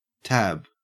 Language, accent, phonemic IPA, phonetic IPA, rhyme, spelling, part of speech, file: English, Australia, /tæb/, [tʰæb̥], -æb, tab, noun / verb, En-au-tab.ogg
- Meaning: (noun) 1. A small flap or strip of material attached to or inserted into something, for holding, manipulation, identification, opening etc 2. An ear